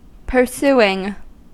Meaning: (verb) present participle and gerund of pursue; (noun) pursuit
- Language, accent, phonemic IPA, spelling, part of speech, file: English, US, /pɚˈsu.ɪŋ/, pursuing, verb / noun, En-us-pursuing.ogg